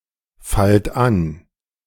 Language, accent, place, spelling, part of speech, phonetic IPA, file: German, Germany, Berlin, fallt an, verb, [ˌfalt ˈan], De-fallt an.ogg
- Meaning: inflection of anfallen: 1. second-person plural present 2. plural imperative